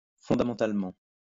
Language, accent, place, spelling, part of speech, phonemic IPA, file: French, France, Lyon, fondamentalement, adverb, /fɔ̃.da.mɑ̃.tal.mɑ̃/, LL-Q150 (fra)-fondamentalement.wav
- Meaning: fundamentally